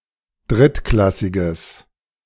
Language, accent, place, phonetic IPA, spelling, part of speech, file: German, Germany, Berlin, [ˈdʁɪtˌklasɪɡəs], drittklassiges, adjective, De-drittklassiges.ogg
- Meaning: strong/mixed nominative/accusative neuter singular of drittklassig